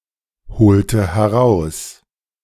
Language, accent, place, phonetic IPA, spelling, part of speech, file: German, Germany, Berlin, [bəˈt͡saɪ̯çnəndə], bezeichnende, adjective, De-bezeichnende.ogg
- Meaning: inflection of bezeichnend: 1. strong/mixed nominative/accusative feminine singular 2. strong nominative/accusative plural 3. weak nominative all-gender singular